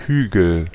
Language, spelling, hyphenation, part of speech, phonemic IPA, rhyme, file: German, Hügel, Hü‧gel, noun, /ˈhyːɡl̩/, -yːɡl̩, De-Hügel.ogg
- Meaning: hill